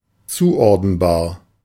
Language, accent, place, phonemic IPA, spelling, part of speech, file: German, Germany, Berlin, /ˈtsuː(ˌʔ)ɔʁdənˌbaː(ɐ̯)/, zuordenbar, adjective, De-zuordenbar.ogg
- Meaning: [with dative] assignable; capable of being assigned to